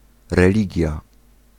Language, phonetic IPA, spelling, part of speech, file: Polish, [rɛˈlʲiɟja], religia, noun, Pl-religia.ogg